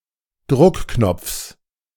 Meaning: genitive singular of Druckknopf
- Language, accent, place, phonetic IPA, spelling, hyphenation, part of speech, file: German, Germany, Berlin, [ˈdʁʊkˌknɔp͡fs], Druckknopfs, Druck‧knopfs, noun, De-Druckknopfs.ogg